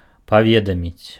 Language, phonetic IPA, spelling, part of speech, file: Belarusian, [paˈvʲedamʲit͡sʲ], паведаміць, verb, Be-паведаміць.ogg
- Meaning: to announce, to communicate, to inform, report